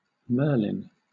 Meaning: 1. A wizard in the Arthurian legend 2. A male given name 3. A census-designated place in Josephine County, Oregon, United States
- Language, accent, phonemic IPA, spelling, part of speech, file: English, Southern England, /ˈmɜːlɪn/, Merlin, proper noun, LL-Q1860 (eng)-Merlin.wav